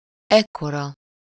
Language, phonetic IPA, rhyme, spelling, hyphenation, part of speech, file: Hungarian, [ˈɛkːorɒ], -rɒ, ekkora, ek‧ko‧ra, pronoun, Hu-ekkora.ogg
- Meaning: this size, this big, as large as this